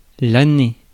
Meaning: year (period)
- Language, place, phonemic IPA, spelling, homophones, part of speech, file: French, Paris, /a.ne/, année, Année / années, noun, Fr-année.ogg